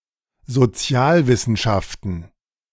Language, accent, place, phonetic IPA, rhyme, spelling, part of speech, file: German, Germany, Berlin, [zoˈt͡si̯aːlˌvɪsn̩ʃaftn̩], -aːlvɪsn̩ʃaftn̩, Sozialwissenschaften, noun, De-Sozialwissenschaften.ogg
- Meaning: plural of Sozialwissenschaft